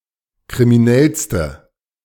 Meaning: inflection of kriminell: 1. strong/mixed nominative/accusative feminine singular superlative degree 2. strong nominative/accusative plural superlative degree
- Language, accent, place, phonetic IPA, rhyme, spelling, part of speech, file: German, Germany, Berlin, [kʁimiˈnɛlstə], -ɛlstə, kriminellste, adjective, De-kriminellste.ogg